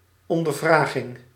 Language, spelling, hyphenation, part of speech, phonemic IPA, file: Dutch, ondervraging, on‧der‧vra‧ging, noun, /ˌɔndərˈvraɣɪŋ/, Nl-ondervraging.ogg
- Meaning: questioning, interrogation